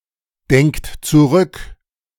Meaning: inflection of zurückdenken: 1. third-person singular present 2. second-person plural present 3. plural imperative
- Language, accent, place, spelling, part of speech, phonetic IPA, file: German, Germany, Berlin, denkt zurück, verb, [ˌdɛŋkt t͡suˈʁʏk], De-denkt zurück.ogg